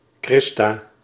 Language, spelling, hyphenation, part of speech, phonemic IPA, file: Dutch, Christa, Chris‧ta, proper noun, /ˈkrɪs.taː/, Nl-Christa.ogg
- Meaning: a female given name